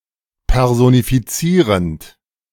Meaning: present participle of personifizieren
- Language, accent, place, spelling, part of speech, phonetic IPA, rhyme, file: German, Germany, Berlin, personifizierend, verb, [ˌpɛʁzonifiˈt͡siːʁənt], -iːʁənt, De-personifizierend.ogg